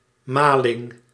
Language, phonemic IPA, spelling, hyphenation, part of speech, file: Dutch, /ˈmɑlɪŋ/, maling, ma‧ling, noun, Nl-maling.ogg
- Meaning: the direction towards which, or space in which, something is milled or ground